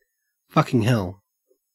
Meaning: 1. An exclamation of great surprise 2. An exclamation of anger 3. An exclamation of bewilderment
- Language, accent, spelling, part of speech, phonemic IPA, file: English, Australia, fucking hell, interjection, /ˈfɐkɪŋ ˌhɛl/, En-au-fucking hell.ogg